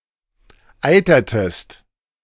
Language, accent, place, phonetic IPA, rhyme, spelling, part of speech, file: German, Germany, Berlin, [ˈaɪ̯tɐtəst], -aɪ̯tɐtəst, eitertest, verb, De-eitertest.ogg
- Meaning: inflection of eitern: 1. second-person singular preterite 2. second-person singular subjunctive II